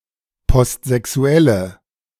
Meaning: inflection of postsexuell: 1. strong/mixed nominative/accusative feminine singular 2. strong nominative/accusative plural 3. weak nominative all-gender singular
- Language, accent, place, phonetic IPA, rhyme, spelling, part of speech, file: German, Germany, Berlin, [pɔstzɛˈksu̯ɛlə], -ɛlə, postsexuelle, adjective, De-postsexuelle.ogg